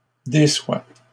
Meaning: inflection of décevoir: 1. first/second-person singular present indicative 2. second-person singular imperative
- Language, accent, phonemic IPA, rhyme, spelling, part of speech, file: French, Canada, /de.swa/, -a, déçois, verb, LL-Q150 (fra)-déçois.wav